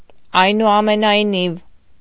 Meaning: nevertheless, regardless, in any case, still
- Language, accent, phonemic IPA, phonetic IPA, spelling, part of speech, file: Armenian, Eastern Armenian, /ɑjnuɑmenɑjˈniv/, [ɑjnuɑmenɑjnív], այնուամենայնիվ, adverb, Hy-այնուամենայնիվ.ogg